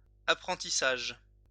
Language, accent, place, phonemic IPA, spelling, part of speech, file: French, France, Lyon, /a.pʁɑ̃.ti.saʒ/, apprentissage, noun, LL-Q150 (fra)-apprentissage.wav
- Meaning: 1. apprenticeship 2. learning